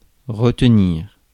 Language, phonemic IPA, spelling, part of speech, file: French, /ʁə.t(ə).niʁ/, retenir, verb, Fr-retenir.ogg
- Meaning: 1. to retain, hold: to hold back, rein in 2. to retain, hold: to keep, detain, hold up 3. to remember 4. to accept (que that) 5. to uphold 6. to restrain oneself, hold back